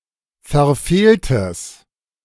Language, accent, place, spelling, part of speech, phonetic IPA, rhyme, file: German, Germany, Berlin, verfehltes, adjective, [fɛɐ̯ˈfeːltəs], -eːltəs, De-verfehltes.ogg
- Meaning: strong/mixed nominative/accusative neuter singular of verfehlt